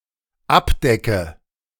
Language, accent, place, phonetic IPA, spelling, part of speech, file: German, Germany, Berlin, [ˈapˌdɛkə], abdecke, verb, De-abdecke.ogg
- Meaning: inflection of abdecken: 1. first-person singular dependent present 2. first/third-person singular dependent subjunctive I